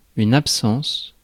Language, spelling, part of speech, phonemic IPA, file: French, absence, noun, /ap.sɑ̃s/, Fr-absence.ogg
- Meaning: absence (state of being absent or withdrawn)